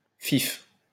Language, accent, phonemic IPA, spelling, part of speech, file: French, France, /fif/, fif, noun, LL-Q150 (fra)-fif.wav
- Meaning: an effeminate male homosexual; poof; faggot